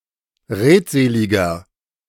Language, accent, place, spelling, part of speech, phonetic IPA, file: German, Germany, Berlin, redseliger, adjective, [ˈʁeːtˌzeːlɪɡɐ], De-redseliger.ogg
- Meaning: inflection of redselig: 1. strong/mixed nominative masculine singular 2. strong genitive/dative feminine singular 3. strong genitive plural